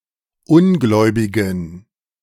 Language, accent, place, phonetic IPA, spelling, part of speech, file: German, Germany, Berlin, [ˈʊnˌɡlɔɪ̯bɪɡn̩], ungläubigen, adjective, De-ungläubigen.ogg
- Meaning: inflection of ungläubig: 1. strong genitive masculine/neuter singular 2. weak/mixed genitive/dative all-gender singular 3. strong/weak/mixed accusative masculine singular 4. strong dative plural